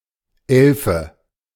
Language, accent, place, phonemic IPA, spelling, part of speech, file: German, Germany, Berlin, /ˈɛlfə/, Elfe, noun, De-Elfe.ogg
- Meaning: 1. alternative form of Elf (“elf”) 2. female elf 3. fairy, sprite 4. pixie